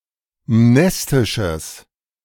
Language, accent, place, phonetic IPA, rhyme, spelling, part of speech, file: German, Germany, Berlin, [ˈmnɛstɪʃəs], -ɛstɪʃəs, mnestisches, adjective, De-mnestisches.ogg
- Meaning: strong/mixed nominative/accusative neuter singular of mnestisch